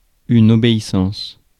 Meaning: obedience
- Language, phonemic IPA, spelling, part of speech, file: French, /ɔ.be.i.sɑ̃s/, obéissance, noun, Fr-obéissance.ogg